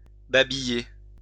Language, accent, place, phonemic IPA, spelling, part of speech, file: French, France, Lyon, /ba.bi.je/, babiller, verb, LL-Q150 (fra)-babiller.wav
- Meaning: 1. to chat; to babble; to natter (to talk about insignificant things) 2. to scold